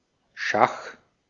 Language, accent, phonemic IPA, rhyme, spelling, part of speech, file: German, Austria, /ʃax/, -ax, Schach, noun, De-at-Schach.ogg
- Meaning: 1. chess (game) 2. check (chess situation in which the king is directly threatened) 3. obsolete form of Schah (“Persian or, by extension, other Oriental ruler”)